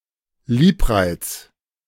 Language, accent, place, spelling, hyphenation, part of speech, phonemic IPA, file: German, Germany, Berlin, Liebreiz, Lieb‧reiz, noun, /ˈliːpˌʁaɪ̯t͡s/, De-Liebreiz.ogg
- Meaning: charm